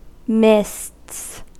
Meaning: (noun) plural of mist; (verb) third-person singular simple present indicative of mist
- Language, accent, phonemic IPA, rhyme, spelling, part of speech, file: English, US, /mɪsts/, -ɪsts, mists, noun / verb, En-us-mists.ogg